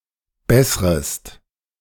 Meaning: second-person singular subjunctive I of bessern
- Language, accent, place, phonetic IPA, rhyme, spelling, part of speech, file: German, Germany, Berlin, [ˈbɛsʁəst], -ɛsʁəst, bessrest, verb, De-bessrest.ogg